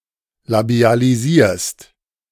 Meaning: second-person singular present of labialisieren
- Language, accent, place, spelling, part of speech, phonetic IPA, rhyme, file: German, Germany, Berlin, labialisierst, verb, [labi̯aliˈziːɐ̯st], -iːɐ̯st, De-labialisierst.ogg